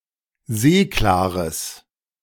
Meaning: strong/mixed nominative/accusative neuter singular of seeklar
- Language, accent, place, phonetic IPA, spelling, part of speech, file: German, Germany, Berlin, [ˈzeːklaːʁəs], seeklares, adjective, De-seeklares.ogg